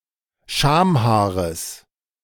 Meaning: genitive singular of Schamhaar
- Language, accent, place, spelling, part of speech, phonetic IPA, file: German, Germany, Berlin, Schamhaares, noun, [ˈʃaːmˌhaːʁəs], De-Schamhaares.ogg